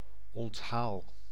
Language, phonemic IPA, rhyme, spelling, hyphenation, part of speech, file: Dutch, /ɔntˈɦaːl/, -aːl, onthaal, ont‧haal, noun / verb, Nl-onthaal.ogg
- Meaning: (noun) welcome; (verb) inflection of onthalen: 1. first-person singular present indicative 2. second-person singular present indicative 3. imperative